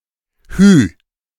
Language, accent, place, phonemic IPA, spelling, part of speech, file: German, Germany, Berlin, /hyː/, hü, interjection, De-hü.ogg
- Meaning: alternative form of hüa (“giddyup”)